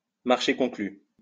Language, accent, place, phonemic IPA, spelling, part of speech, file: French, France, Lyon, /maʁ.ʃe kɔ̃.kly/, marché conclu, interjection, LL-Q150 (fra)-marché conclu.wav
- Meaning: it's a deal! deal!